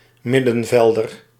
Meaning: midfielder
- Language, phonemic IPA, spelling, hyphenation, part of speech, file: Dutch, /ˈmɪ.də(n)ˌvɛl.dər/, middenvelder, mid‧den‧vel‧der, noun, Nl-middenvelder.ogg